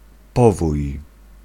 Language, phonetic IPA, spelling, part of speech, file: Polish, [ˈpɔvuj], powój, noun, Pl-powój.ogg